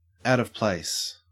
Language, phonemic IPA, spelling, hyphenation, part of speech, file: English, /ˌæɔ̯t əv ˈplæɪ̯s/, out of place, out of place, prepositional phrase, En-au-out of place.ogg
- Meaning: 1. Not in the proper arrangement or situation 2. Inappropriate for the circumstances